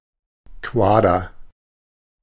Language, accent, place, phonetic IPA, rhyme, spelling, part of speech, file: German, Germany, Berlin, [ˈkvaːdɐ], -aːdɐ, Quader, noun, De-Quader.ogg
- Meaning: rectangular cuboid